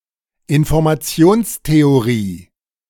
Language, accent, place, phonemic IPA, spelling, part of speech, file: German, Germany, Berlin, /ˌɪn.fɔʁ.maˈt͡sɪ̯oːns.teoˌʁiː/, Informationstheorie, noun, De-Informationstheorie.ogg
- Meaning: information theory (branch of applied mathematics)